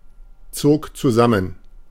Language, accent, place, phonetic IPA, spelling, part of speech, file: German, Germany, Berlin, [ˌt͡soːk t͡suˈzamən], zog zusammen, verb, De-zog zusammen.ogg
- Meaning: first/third-person singular preterite of zusammenziehen